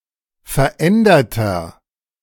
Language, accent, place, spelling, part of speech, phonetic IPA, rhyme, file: German, Germany, Berlin, veränderter, adjective, [fɛɐ̯ˈʔɛndɐtɐ], -ɛndɐtɐ, De-veränderter.ogg
- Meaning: inflection of verändert: 1. strong/mixed nominative masculine singular 2. strong genitive/dative feminine singular 3. strong genitive plural